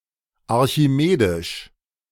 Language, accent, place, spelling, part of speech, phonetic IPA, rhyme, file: German, Germany, Berlin, archimedisch, adjective, [aʁçiˈmeːdɪʃ], -eːdɪʃ, De-archimedisch.ogg
- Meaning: of Archimedes; Archimedean